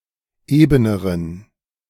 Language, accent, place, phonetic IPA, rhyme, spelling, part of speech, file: German, Germany, Berlin, [ˈeːbənəʁən], -eːbənəʁən, ebeneren, adjective, De-ebeneren.ogg
- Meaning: inflection of eben: 1. strong genitive masculine/neuter singular comparative degree 2. weak/mixed genitive/dative all-gender singular comparative degree